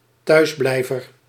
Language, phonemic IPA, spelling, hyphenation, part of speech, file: Dutch, /ˈtœy̯sˌblɛi̯.vər/, thuisblijver, thuis‧blij‧ver, noun, Nl-thuisblijver.ogg
- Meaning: one who stays home